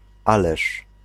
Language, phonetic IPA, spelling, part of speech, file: Polish, [ˈalɛʃ], ależ, particle / interjection, Pl-ależ.ogg